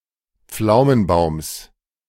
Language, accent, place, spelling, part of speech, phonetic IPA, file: German, Germany, Berlin, Pflaumenbaums, noun, [ˈp͡flaʊ̯mənˌbaʊ̯ms], De-Pflaumenbaums.ogg
- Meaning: genitive singular of Pflaumenbaum